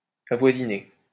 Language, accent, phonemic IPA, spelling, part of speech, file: French, France, /a.vwa.zi.ne/, avoisiné, verb, LL-Q150 (fra)-avoisiné.wav
- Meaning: past participle of avoisiner